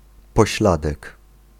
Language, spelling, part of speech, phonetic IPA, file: Polish, pośladek, noun, [pɔˈɕladɛk], Pl-pośladek.ogg